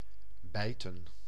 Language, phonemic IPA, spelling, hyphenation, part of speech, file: Dutch, /ˈbɛi̯tə(n)/, bijten, bij‧ten, verb / noun, Nl-bijten.ogg
- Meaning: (verb) to bite; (noun) plural of bijt